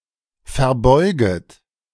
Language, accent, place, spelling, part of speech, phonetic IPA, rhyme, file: German, Germany, Berlin, verbeuget, verb, [fɛɐ̯ˈbɔɪ̯ɡət], -ɔɪ̯ɡət, De-verbeuget.ogg
- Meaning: second-person plural subjunctive I of verbeugen